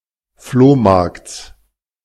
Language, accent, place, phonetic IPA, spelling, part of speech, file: German, Germany, Berlin, [ˈfloːˌmaʁkt͡s], Flohmarkts, noun, De-Flohmarkts.ogg
- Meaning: genitive singular of Flohmarkt